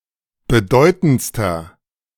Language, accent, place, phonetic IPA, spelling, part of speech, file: German, Germany, Berlin, [bəˈdɔɪ̯tn̩t͡stɐ], bedeutendster, adjective, De-bedeutendster.ogg
- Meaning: inflection of bedeutend: 1. strong/mixed nominative masculine singular superlative degree 2. strong genitive/dative feminine singular superlative degree 3. strong genitive plural superlative degree